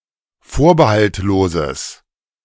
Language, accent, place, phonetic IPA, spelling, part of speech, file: German, Germany, Berlin, [ˈfoːɐ̯bəhaltˌloːzəs], vorbehaltloses, adjective, De-vorbehaltloses.ogg
- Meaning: strong/mixed nominative/accusative neuter singular of vorbehaltlos